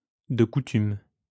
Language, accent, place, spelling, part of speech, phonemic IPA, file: French, France, Lyon, de coutume, adverb / adjective, /də ku.tym/, LL-Q150 (fra)-de coutume.wav
- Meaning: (adverb) ordinarily, usually; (adjective) customary, usual